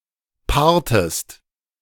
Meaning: inflection of paaren: 1. second-person singular preterite 2. second-person singular subjunctive II
- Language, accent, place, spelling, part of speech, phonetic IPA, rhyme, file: German, Germany, Berlin, paartest, verb, [ˈpaːɐ̯təst], -aːɐ̯təst, De-paartest.ogg